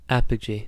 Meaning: The point, in an orbit about the Earth, that is farthest from the Earth: the apoapsis of an Earth orbiter
- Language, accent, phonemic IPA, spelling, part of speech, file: English, US, /ˈæp.ə.d͡ʒi/, apogee, noun, En-us-apogee.ogg